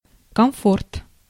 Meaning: comfort (contentment, ease)
- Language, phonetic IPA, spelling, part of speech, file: Russian, [kɐmˈfort], комфорт, noun, Ru-комфорт.ogg